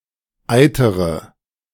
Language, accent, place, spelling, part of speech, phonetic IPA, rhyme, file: German, Germany, Berlin, eitere, verb, [ˈaɪ̯təʁə], -aɪ̯təʁə, De-eitere.ogg
- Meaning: inflection of eitern: 1. first-person singular present 2. first/third-person singular subjunctive I 3. singular imperative